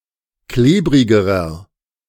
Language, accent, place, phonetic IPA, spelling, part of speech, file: German, Germany, Berlin, [ˈkleːbʁɪɡəʁɐ], klebrigerer, adjective, De-klebrigerer.ogg
- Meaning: inflection of klebrig: 1. strong/mixed nominative masculine singular comparative degree 2. strong genitive/dative feminine singular comparative degree 3. strong genitive plural comparative degree